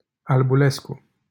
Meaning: a surname
- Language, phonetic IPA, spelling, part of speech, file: Romanian, [albuˈlesku], Albulescu, proper noun, LL-Q7913 (ron)-Albulescu.wav